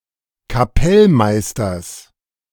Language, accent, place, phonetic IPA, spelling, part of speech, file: German, Germany, Berlin, [kaˈpɛlˌmaɪ̯stɐs], Kapellmeisters, noun, De-Kapellmeisters.ogg
- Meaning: genitive singular of Kapellmeister